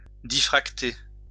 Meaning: to diffract
- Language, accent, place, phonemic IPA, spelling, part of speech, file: French, France, Lyon, /di.fʁak.te/, diffracter, verb, LL-Q150 (fra)-diffracter.wav